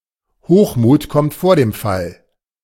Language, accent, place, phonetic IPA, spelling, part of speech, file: German, Germany, Berlin, [ˈhoːxˌmuːt kɔmt foːɐ̯ deːm fal], Hochmut kommt vor dem Fall, phrase, De-Hochmut kommt vor dem Fall.ogg
- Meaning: pride comes before a fall